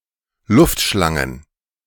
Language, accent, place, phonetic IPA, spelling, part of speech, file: German, Germany, Berlin, [ˈlʊftˌʃlaŋən], Luftschlangen, noun, De-Luftschlangen.ogg
- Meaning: plural of Luftschlange